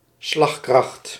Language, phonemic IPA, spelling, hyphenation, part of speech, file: Dutch, /ˈslɑx.krɑxt/, slagkracht, slag‧kracht, noun, Nl-slagkracht.ogg
- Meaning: clout, strength, power